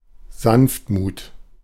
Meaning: gentleness, meekness
- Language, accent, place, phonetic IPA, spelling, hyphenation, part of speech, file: German, Germany, Berlin, [ˈzanftˌmuːt], Sanftmut, Sanft‧mut, noun, De-Sanftmut.ogg